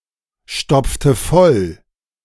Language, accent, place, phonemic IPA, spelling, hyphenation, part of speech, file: German, Germany, Berlin, /ˌʃtɔpftə ˈfɔl/, stopfte voll, stopfte voll, verb, De-stopfte voll.ogg
- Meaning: inflection of vollstopfen: 1. first/third-person singular preterite 2. first/third-person singular subjunctive II